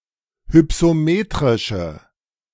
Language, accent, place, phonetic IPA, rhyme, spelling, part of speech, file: German, Germany, Berlin, [hʏpsoˈmeːtʁɪʃə], -eːtʁɪʃə, hypsometrische, adjective, De-hypsometrische.ogg
- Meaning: inflection of hypsometrisch: 1. strong/mixed nominative/accusative feminine singular 2. strong nominative/accusative plural 3. weak nominative all-gender singular